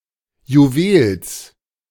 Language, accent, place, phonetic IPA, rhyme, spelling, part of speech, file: German, Germany, Berlin, [juˈveːls], -eːls, Juwels, noun, De-Juwels.ogg
- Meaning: genitive singular of Juwel